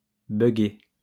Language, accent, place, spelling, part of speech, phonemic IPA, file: French, France, Lyon, bugger, verb, /bœ.ɡe/, LL-Q150 (fra)-bugger.wav
- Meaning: to malfunction, to glitch